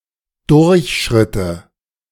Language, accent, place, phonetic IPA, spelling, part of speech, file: German, Germany, Berlin, [ˈdʊʁçˌʃʁɪtə], durchschritte, verb, De-durchschritte.ogg
- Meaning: first/third-person singular subjunctive II of durchschreiten